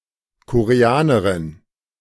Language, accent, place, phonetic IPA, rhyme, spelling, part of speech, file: German, Germany, Berlin, [koʁeˈaːnəʁɪn], -aːnəʁɪn, Koreanerin, noun, De-Koreanerin.ogg
- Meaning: Korean (female person from Korea)